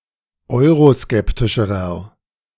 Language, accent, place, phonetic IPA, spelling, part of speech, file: German, Germany, Berlin, [ˈɔɪ̯ʁoˌskɛptɪʃəʁɐ], euroskeptischerer, adjective, De-euroskeptischerer.ogg
- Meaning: inflection of euroskeptisch: 1. strong/mixed nominative masculine singular comparative degree 2. strong genitive/dative feminine singular comparative degree